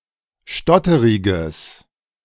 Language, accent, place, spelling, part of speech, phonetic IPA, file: German, Germany, Berlin, stotteriges, adjective, [ˈʃtɔtəʁɪɡəs], De-stotteriges.ogg
- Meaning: strong/mixed nominative/accusative neuter singular of stotterig